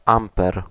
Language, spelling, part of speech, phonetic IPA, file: Polish, amper, noun, [ˈãmpɛr], Pl-amper.ogg